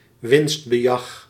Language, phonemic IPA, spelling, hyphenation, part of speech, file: Dutch, /ˈʋɪnst.bəˌjɑx/, winstbejag, winst‧be‧jag, noun, Nl-winstbejag.ogg
- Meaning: inappropriate profit-seeking, profiteering